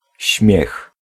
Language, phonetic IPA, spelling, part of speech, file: Polish, [ɕmʲjɛx], śmiech, noun, Pl-śmiech.ogg